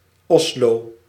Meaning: Oslo (a county and municipality, the capital city of Norway)
- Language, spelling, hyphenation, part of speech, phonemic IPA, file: Dutch, Oslo, Os‧lo, proper noun, /ˈɔs.loː/, Nl-Oslo.ogg